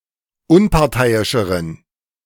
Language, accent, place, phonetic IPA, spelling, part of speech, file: German, Germany, Berlin, [ˈʊnpaʁˌtaɪ̯ɪʃəʁən], unparteiischeren, adjective, De-unparteiischeren.ogg
- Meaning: inflection of unparteiisch: 1. strong genitive masculine/neuter singular comparative degree 2. weak/mixed genitive/dative all-gender singular comparative degree